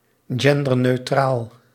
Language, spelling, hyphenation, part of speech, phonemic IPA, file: Dutch, genderneutraal, gen‧der‧neu‧traal, adjective, /ˌɣɛn.dər.nøːˈtraːl/, Nl-genderneutraal.ogg
- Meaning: gender-neutral